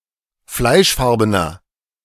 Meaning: inflection of fleischfarben: 1. strong/mixed nominative masculine singular 2. strong genitive/dative feminine singular 3. strong genitive plural
- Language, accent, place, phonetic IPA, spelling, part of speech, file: German, Germany, Berlin, [ˈflaɪ̯ʃˌfaʁbənɐ], fleischfarbener, adjective, De-fleischfarbener.ogg